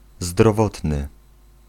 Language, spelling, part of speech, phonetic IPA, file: Polish, zdrowotny, adjective, [zdrɔˈvɔtnɨ], Pl-zdrowotny.ogg